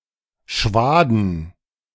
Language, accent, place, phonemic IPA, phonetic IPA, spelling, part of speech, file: German, Germany, Berlin, /ˈʃvaːdən/, [ˈʃʋaː.dn̩], Schwaden, noun, De-Schwaden.ogg
- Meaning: 1. waft, current (e.g. of cold air), cloud, plume (e.g. of smoke) 2. alternative form of Schwade (“swath, windrow”) 3. plural of Schwade